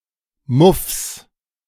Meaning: genitive singular of Muff
- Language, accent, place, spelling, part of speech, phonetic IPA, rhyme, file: German, Germany, Berlin, Muffs, noun, [mʊfs], -ʊfs, De-Muffs.ogg